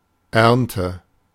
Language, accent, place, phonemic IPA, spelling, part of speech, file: German, Germany, Berlin, /ˈɛrntə/, Ernte, noun, De-Ernte.ogg
- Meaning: harvest